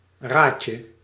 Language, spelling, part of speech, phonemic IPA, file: Dutch, raatje, noun, /ˈracə/, Nl-raatje.ogg
- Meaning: diminutive of ra